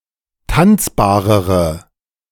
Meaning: inflection of tanzbar: 1. strong/mixed nominative/accusative feminine singular comparative degree 2. strong nominative/accusative plural comparative degree
- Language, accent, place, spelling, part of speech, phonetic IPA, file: German, Germany, Berlin, tanzbarere, adjective, [ˈtant͡sbaːʁəʁə], De-tanzbarere.ogg